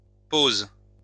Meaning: plural of pause
- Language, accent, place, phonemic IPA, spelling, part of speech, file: French, France, Lyon, /poz/, pauses, noun, LL-Q150 (fra)-pauses.wav